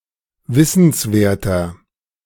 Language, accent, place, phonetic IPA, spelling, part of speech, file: German, Germany, Berlin, [ˈvɪsn̩sˌveːɐ̯tɐ], wissenswerter, adjective, De-wissenswerter.ogg
- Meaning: 1. comparative degree of wissenswert 2. inflection of wissenswert: strong/mixed nominative masculine singular 3. inflection of wissenswert: strong genitive/dative feminine singular